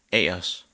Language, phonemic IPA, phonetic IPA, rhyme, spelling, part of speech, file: Danish, /æːɐs/, [ˈæːɐs], -æːɐs, a'ers, noun, Da-cph-a'ers.ogg
- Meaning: indefinite genitive plural of a